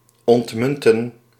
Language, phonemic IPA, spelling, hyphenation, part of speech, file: Dutch, /ˌɔntˈmʏn.tə(n)/, ontmunten, ont‧mun‧ten, verb, Nl-ontmunten.ogg
- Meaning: 1. to remelt coins 2. to demonetize, to remove coins from circulation